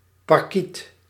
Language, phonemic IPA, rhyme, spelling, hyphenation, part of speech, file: Dutch, /pɑrˈkit/, -it, parkiet, par‧kiet, noun, Nl-parkiet.ogg
- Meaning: a parakeet, a budgie; a member of various species of small parrots (not forming a monophyletic clade)